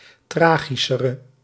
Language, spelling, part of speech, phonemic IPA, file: Dutch, tragischere, adjective, /ˈtraːɣisərə/, Nl-tragischere.ogg
- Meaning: inflection of tragischer, the comparative degree of tragisch: 1. masculine/feminine singular attributive 2. definite neuter singular attributive 3. plural attributive